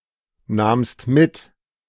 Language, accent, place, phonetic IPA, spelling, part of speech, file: German, Germany, Berlin, [ˌnaːmst ˈmɪt], nahmst mit, verb, De-nahmst mit.ogg
- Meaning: second-person singular preterite of mitnehmen